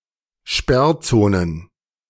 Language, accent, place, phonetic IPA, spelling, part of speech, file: German, Germany, Berlin, [ˈʃpɛʁˌt͡soːnən], Sperrzonen, noun, De-Sperrzonen.ogg
- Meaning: plural of Sperrzone